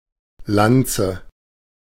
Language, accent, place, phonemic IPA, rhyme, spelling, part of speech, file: German, Germany, Berlin, /ˈlantsə/, -antsə, Lanze, noun, De-Lanze.ogg
- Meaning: 1. lance, spear (weapon used mainly for thrusting) 2. love stick, fuckpole (penis)